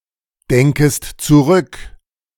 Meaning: second-person singular subjunctive I of zurückdenken
- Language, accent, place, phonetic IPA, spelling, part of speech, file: German, Germany, Berlin, [ˌdɛŋkəst t͡suˈʁʏk], denkest zurück, verb, De-denkest zurück.ogg